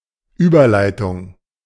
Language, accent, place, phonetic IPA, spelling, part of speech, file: German, Germany, Berlin, [ˈyːbɐˌlaɪ̯tʊŋ], Überleitung, noun, De-Überleitung.ogg
- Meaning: 1. transition, segue 2. bridge (in a rock or jazz tune) 3. reconciliation